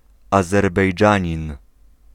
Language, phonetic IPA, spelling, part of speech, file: Polish, [ˌazɛrbɛjˈd͡ʒãɲĩn], Azerbejdżanin, noun, Pl-Azerbejdżanin.ogg